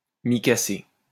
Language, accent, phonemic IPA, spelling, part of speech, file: French, France, /mi.ka.se/, micacé, adjective, LL-Q150 (fra)-micacé.wav
- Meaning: micaceous